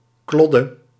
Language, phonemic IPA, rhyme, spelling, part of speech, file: Dutch, /ˈklɔ.də/, -ɔdə, klodde, noun, Nl-klodde.ogg
- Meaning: 1. rag 2. a worthless object